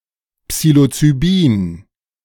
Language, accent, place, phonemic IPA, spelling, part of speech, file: German, Germany, Berlin, /ˌpsiː.lo.t͡sy.ˈbiːn/, Psilocybin, noun, De-Psilocybin.ogg
- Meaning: psilocybin